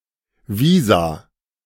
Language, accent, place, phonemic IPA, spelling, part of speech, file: German, Germany, Berlin, /ˈviːza/, Visa, noun, De-Visa.ogg
- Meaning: 1. plural of Visum 2. alternative form of Visum 3. a Visa card